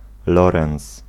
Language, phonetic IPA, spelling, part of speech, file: Polish, [ˈlɔrɛ̃w̃s], lorens, noun, Pl-lorens.ogg